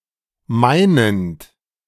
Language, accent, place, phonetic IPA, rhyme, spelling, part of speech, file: German, Germany, Berlin, [ˈmaɪ̯nənt], -aɪ̯nənt, meinend, verb, De-meinend.ogg
- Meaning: present participle of meinen